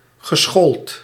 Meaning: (adjective) educated; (verb) past participle of scholen
- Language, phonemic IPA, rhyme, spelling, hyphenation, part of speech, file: Dutch, /ɣəˈsxoːlt/, -oːlt, geschoold, ge‧schoold, adjective / verb, Nl-geschoold.ogg